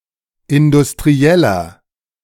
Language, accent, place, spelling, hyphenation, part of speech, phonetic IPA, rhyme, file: German, Germany, Berlin, Industrieller, In‧dus‧t‧ri‧el‧ler, noun, [ɪndʊstʁiˈɛlɐ], -ɛlɐ, De-Industrieller.ogg
- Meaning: industrialist